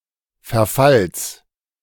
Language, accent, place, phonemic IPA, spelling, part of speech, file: German, Germany, Berlin, /fɛɐ̯ˈfals/, Verfalls, noun, De-Verfalls.ogg
- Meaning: genitive singular of Verfall